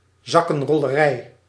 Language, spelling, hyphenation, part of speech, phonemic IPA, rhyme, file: Dutch, zakkenrollerij, zak‧ken‧rol‧le‧rij, noun, /ˌzɑ.kə(n).rɔ.ləˈrɛi̯/, -ɛi̯, Nl-zakkenrollerij.ogg
- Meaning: pickpocketing, the crime committed by a pickpocket